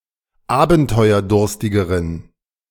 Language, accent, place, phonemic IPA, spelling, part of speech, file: German, Germany, Berlin, /ˈaːbn̩tɔɪ̯ɐˌdʊʁstɪɡəʁən/, abenteuerdurstigeren, adjective, De-abenteuerdurstigeren.ogg
- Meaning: inflection of abenteuerdurstig: 1. strong genitive masculine/neuter singular comparative degree 2. weak/mixed genitive/dative all-gender singular comparative degree